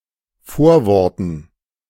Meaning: dative plural of Vorwort
- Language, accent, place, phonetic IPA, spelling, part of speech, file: German, Germany, Berlin, [ˈfoːɐ̯ˌvɔʁtn̩], Vorworten, noun, De-Vorworten.ogg